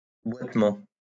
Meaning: limp (an irregular, jerky or awkward gait)
- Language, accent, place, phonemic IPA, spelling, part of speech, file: French, France, Lyon, /bwat.mɑ̃/, boitement, noun, LL-Q150 (fra)-boitement.wav